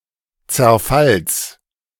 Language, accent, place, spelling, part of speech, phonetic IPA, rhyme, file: German, Germany, Berlin, Zerfalls, noun, [t͡sɛɐ̯ˈfals], -als, De-Zerfalls.ogg
- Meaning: genitive singular of Zerfall